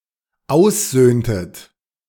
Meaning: dative singular of Auszug
- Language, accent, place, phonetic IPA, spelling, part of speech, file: German, Germany, Berlin, [ˈaʊ̯st͡suːɡə], Auszuge, noun, De-Auszuge.ogg